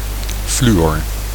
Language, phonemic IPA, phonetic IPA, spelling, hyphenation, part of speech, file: Dutch, /ˈfly.ɔr/, [ˈflyɥɔr], fluor, flu‧or, noun, Nl-fluor.ogg
- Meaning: the chemical element fluorine (symbol: F)